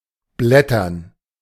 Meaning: 1. to browse 2. to peel off, to flake off
- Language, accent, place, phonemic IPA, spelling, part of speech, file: German, Germany, Berlin, /ˈblɛtɐn/, blättern, verb, De-blättern.ogg